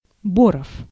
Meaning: 1. castrated male pig, barrow (usually fattened) 2. obese man 3. flue, breeching, chimney intake
- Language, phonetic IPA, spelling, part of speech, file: Russian, [ˈborəf], боров, noun, Ru-боров.ogg